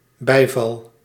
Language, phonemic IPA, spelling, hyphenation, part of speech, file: Dutch, /ˈbɛi̯.vɑl/, bijval, bij‧val, noun / verb, Nl-bijval.ogg
- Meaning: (noun) 1. approval, endorsement 2. accolade, applause; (verb) first-person singular dependent-clause present indicative of bijvallen